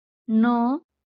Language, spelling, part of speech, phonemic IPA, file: Marathi, ण, character, /ɳə/, LL-Q1571 (mar)-ण.wav
- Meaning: The fourteenth consonant in Marathi